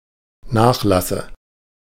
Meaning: dative singular of Nachlass
- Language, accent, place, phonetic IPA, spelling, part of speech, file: German, Germany, Berlin, [ˈnaːxˌlasə], Nachlasse, noun, De-Nachlasse.ogg